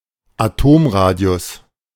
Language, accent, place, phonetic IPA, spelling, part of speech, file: German, Germany, Berlin, [aˈtoːmˌʁaːdi̯ʊs], Atomradius, noun, De-Atomradius.ogg
- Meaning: atomic radius